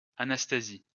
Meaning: a female given name, equivalent to English Anastasia
- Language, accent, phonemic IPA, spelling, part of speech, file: French, France, /a.nas.ta.zi/, Anastasie, proper noun, LL-Q150 (fra)-Anastasie.wav